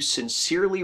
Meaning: 1. In a sincere or earnest manner; honestly 2. A conventional formula for ending a letter, used when the salutation addresses the person for whom the letter is intended by his or her name
- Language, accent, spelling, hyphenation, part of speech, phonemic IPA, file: English, US, sincerely, sin‧cere‧ly, adverb, /sɪnˈsɪɹli/, En-us-sincerely.ogg